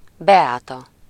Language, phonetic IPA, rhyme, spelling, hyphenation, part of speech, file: Hungarian, [ˈbɛaːtɒ], -tɒ, Beáta, Be‧á‧ta, proper noun, Hu-Beáta.ogg
- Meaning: a female given name